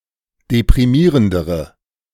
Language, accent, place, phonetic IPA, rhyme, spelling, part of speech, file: German, Germany, Berlin, [depʁiˈmiːʁəndəʁə], -iːʁəndəʁə, deprimierendere, adjective, De-deprimierendere.ogg
- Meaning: inflection of deprimierend: 1. strong/mixed nominative/accusative feminine singular comparative degree 2. strong nominative/accusative plural comparative degree